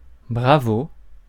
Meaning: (interjection) bravo!, hear, hear!, well said!, well done!; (noun) 1. applause, cheers 2. swordsman
- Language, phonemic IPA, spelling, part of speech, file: French, /bʁa.vo/, bravo, interjection / noun, Fr-bravo.ogg